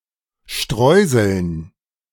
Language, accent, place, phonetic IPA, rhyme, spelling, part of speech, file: German, Germany, Berlin, [ˈʃtʁɔɪ̯zl̩n], -ɔɪ̯zl̩n, Streuseln, noun, De-Streuseln.ogg
- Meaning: dative plural of Streusel